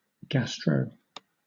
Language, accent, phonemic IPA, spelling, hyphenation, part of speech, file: English, Southern England, /ˈɡæstɹəʊ-/, gastro-, gas‧tro-, prefix, LL-Q1860 (eng)-gastro-.wav
- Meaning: 1. Of or relating to the stomach 2. Of or relating to cooking